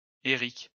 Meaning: a male given name, equivalent to English Eric
- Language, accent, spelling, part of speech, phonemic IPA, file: French, France, Éric, proper noun, /e.ʁik/, LL-Q150 (fra)-Éric.wav